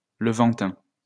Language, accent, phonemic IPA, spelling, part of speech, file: French, France, /lə.vɑ̃.tɛ̃/, levantin, adjective, LL-Q150 (fra)-levantin.wav
- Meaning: Levantine